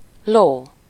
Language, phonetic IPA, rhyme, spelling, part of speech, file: Hungarian, [ˈloː], -loː, ló, noun, Hu-ló.ogg
- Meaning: 1. horse 2. knight 3. pommel horse